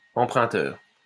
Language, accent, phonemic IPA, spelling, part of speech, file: French, France, /ɑ̃.pʁœ̃.tœʁ/, emprunteur, noun, LL-Q150 (fra)-emprunteur.wav
- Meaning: borrower